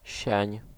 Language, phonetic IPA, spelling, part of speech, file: Polish, [ɕɛ̇̃ɲ], sień, noun, Pl-sień.ogg